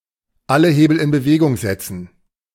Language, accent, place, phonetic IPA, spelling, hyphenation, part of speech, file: German, Germany, Berlin, [ˈʔalə ˈheːbl̩ ʔɪn bəˈveːɡʊŋ ˈzɛtsn̩], alle Hebel in Bewegung setzen, al‧le He‧bel in Be‧we‧gung set‧zen, verb, De-alle Hebel in Bewegung setzen.ogg
- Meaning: to pull out all the stops